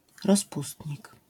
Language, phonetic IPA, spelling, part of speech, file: Polish, [rɔsˈpustʲɲik], rozpustnik, noun, LL-Q809 (pol)-rozpustnik.wav